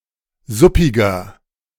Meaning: 1. comparative degree of suppig 2. inflection of suppig: strong/mixed nominative masculine singular 3. inflection of suppig: strong genitive/dative feminine singular
- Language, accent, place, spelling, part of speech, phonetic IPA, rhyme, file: German, Germany, Berlin, suppiger, adjective, [ˈzʊpɪɡɐ], -ʊpɪɡɐ, De-suppiger.ogg